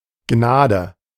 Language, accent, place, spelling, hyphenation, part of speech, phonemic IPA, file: German, Germany, Berlin, Gnade, Gna‧de, noun, /ˈɡnaːdə/, De-Gnade.ogg
- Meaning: 1. grace, mercy, graciousness 2. a grace, an act of mercy or graciousness; something good that one cannot control or does not deserve 3. pardon, clemency